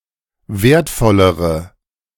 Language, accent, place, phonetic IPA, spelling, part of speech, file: German, Germany, Berlin, [ˈveːɐ̯tˌfɔləʁə], wertvollere, adjective, De-wertvollere.ogg
- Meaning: inflection of wertvoll: 1. strong/mixed nominative/accusative feminine singular comparative degree 2. strong nominative/accusative plural comparative degree